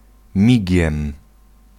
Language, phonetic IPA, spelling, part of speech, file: Polish, [ˈmʲiɟɛ̃m], migiem, adverb / interjection / noun, Pl-migiem.ogg